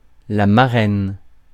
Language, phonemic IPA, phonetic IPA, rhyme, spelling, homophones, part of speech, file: French, /ma.ʁɛn/, [ma.rɛ̃n], -ɛn, marraine, marraines, noun, Fr-marraine.ogg
- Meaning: female equivalent of parrain: godmother (woman present at the christening of a baby who promises to help raise the child in a Christian manner)